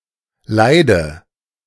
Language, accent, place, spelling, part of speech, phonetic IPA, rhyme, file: German, Germany, Berlin, leide, adjective / verb, [ˈlaɪ̯də], -aɪ̯də, De-leide.ogg
- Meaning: inflection of leiden: 1. first-person singular present 2. first/third-person singular subjunctive I 3. singular imperative